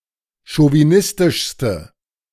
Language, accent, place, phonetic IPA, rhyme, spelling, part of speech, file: German, Germany, Berlin, [ʃoviˈnɪstɪʃstə], -ɪstɪʃstə, chauvinistischste, adjective, De-chauvinistischste.ogg
- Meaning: inflection of chauvinistisch: 1. strong/mixed nominative/accusative feminine singular superlative degree 2. strong nominative/accusative plural superlative degree